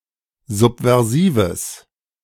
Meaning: strong/mixed nominative/accusative neuter singular of subversiv
- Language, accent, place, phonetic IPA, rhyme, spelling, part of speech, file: German, Germany, Berlin, [ˌzupvɛʁˈziːvəs], -iːvəs, subversives, adjective, De-subversives.ogg